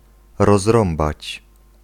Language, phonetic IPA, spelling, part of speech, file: Polish, [rɔzˈrɔ̃mbat͡ɕ], rozrąbać, verb, Pl-rozrąbać.ogg